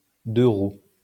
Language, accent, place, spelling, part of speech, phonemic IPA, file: French, France, Lyon, deux-roues, noun, /dø.ʁu/, LL-Q150 (fra)-deux-roues.wav
- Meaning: two-wheeler